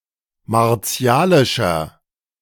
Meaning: 1. comparative degree of martialisch 2. inflection of martialisch: strong/mixed nominative masculine singular 3. inflection of martialisch: strong genitive/dative feminine singular
- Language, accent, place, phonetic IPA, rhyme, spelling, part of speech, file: German, Germany, Berlin, [maʁˈt͡si̯aːlɪʃɐ], -aːlɪʃɐ, martialischer, adjective, De-martialischer.ogg